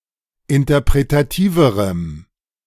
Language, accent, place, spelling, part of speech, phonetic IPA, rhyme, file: German, Germany, Berlin, interpretativerem, adjective, [ɪntɐpʁetaˈtiːvəʁəm], -iːvəʁəm, De-interpretativerem.ogg
- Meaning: strong dative masculine/neuter singular comparative degree of interpretativ